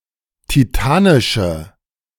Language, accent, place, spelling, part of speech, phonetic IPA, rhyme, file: German, Germany, Berlin, titanische, adjective, [tiˈtaːnɪʃə], -aːnɪʃə, De-titanische.ogg
- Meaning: inflection of titanisch: 1. strong/mixed nominative/accusative feminine singular 2. strong nominative/accusative plural 3. weak nominative all-gender singular